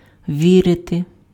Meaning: to believe
- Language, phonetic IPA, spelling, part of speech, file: Ukrainian, [ˈʋʲirete], вірити, verb, Uk-вірити.ogg